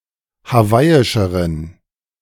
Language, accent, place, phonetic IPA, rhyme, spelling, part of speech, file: German, Germany, Berlin, [haˈvaɪ̯ɪʃəʁən], -aɪ̯ɪʃəʁən, hawaiischeren, adjective, De-hawaiischeren.ogg
- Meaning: inflection of hawaiisch: 1. strong genitive masculine/neuter singular comparative degree 2. weak/mixed genitive/dative all-gender singular comparative degree